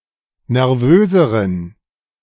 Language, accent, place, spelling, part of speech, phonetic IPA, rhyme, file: German, Germany, Berlin, nervöseren, adjective, [nɛʁˈvøːzəʁən], -øːzəʁən, De-nervöseren.ogg
- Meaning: inflection of nervös: 1. strong genitive masculine/neuter singular comparative degree 2. weak/mixed genitive/dative all-gender singular comparative degree